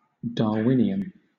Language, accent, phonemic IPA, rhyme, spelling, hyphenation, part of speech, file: English, Southern England, /dɑːˈwɪ.ni.ən/, -ɪniən, Darwinian, Dar‧win‧i‧an, adjective / noun, LL-Q1860 (eng)-Darwinian.wav